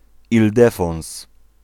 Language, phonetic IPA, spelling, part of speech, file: Polish, [ilˈdɛfɔ̃w̃s], Ildefons, proper noun, Pl-Ildefons.ogg